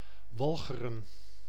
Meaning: A peninsula and former island in Zeeland, The Netherlands, to the west of Zuid-Beveland, to the south of Noord-Beveland and to the north of Zeelandic Flanders
- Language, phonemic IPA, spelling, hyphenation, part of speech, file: Dutch, /ˈʋɑl.xə.rə(n)/, Walcheren, Wal‧che‧ren, proper noun, Nl-Walcheren.ogg